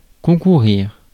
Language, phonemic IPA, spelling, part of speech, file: French, /kɔ̃.ku.ʁiʁ/, concourir, verb, Fr-concourir.ogg
- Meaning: 1. to compete, to contend 2. to contribute, to play a role in 3. to converge